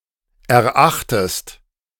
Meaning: inflection of erachten: 1. second-person singular present 2. second-person singular subjunctive I
- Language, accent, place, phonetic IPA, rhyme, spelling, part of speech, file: German, Germany, Berlin, [ɛɐ̯ˈʔaxtəst], -axtəst, erachtest, verb, De-erachtest.ogg